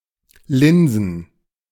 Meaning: plural of Linse
- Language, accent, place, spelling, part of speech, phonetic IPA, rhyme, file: German, Germany, Berlin, Linsen, noun, [ˈlɪnzn̩], -ɪnzn̩, De-Linsen.ogg